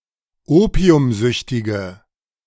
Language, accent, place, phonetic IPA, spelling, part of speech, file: German, Germany, Berlin, [ˈoːpi̯ʊmˌzʏçtɪɡə], opiumsüchtige, adjective, De-opiumsüchtige.ogg
- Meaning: inflection of opiumsüchtig: 1. strong/mixed nominative/accusative feminine singular 2. strong nominative/accusative plural 3. weak nominative all-gender singular